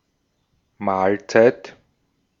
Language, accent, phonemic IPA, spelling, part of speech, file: German, Austria, /ˈmaːlˌt͡saɪ̯t/, Mahlzeit, noun / interjection, De-at-Mahlzeit.ogg
- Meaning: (noun) 1. meal 2. mealtime; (interjection) ellipsis of gesegnete Mahlzeit or prost Mahlzeit (literally “blessed meal”); enjoy your meal!; bon appétit!